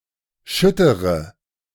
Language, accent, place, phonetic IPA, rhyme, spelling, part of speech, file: German, Germany, Berlin, [ˈʃʏtəʁə], -ʏtəʁə, schüttere, adjective, De-schüttere.ogg
- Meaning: inflection of schütter: 1. strong/mixed nominative/accusative feminine singular 2. strong nominative/accusative plural 3. weak nominative all-gender singular